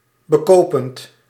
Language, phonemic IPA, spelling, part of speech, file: Dutch, /bəˈkopənt/, bekopend, verb, Nl-bekopend.ogg
- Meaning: present participle of bekopen